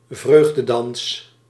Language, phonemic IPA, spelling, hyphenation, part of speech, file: Dutch, /ˈvrøːx.dəˌdɑns/, vreugdedans, vreug‧de‧dans, noun, Nl-vreugdedans.ogg
- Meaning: dance of joy, a celebratory, often improvised choreography